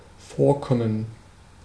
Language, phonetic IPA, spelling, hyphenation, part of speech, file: German, [ˈfoːɐ̯ˌkɔmən], vorkommen, vor‧kom‧men, verb, De-vorkommen.ogg
- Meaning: 1. to appear, to occur (in a given location or situation) 2. to occur, to happen (with some regularity) 3. to seem, to appear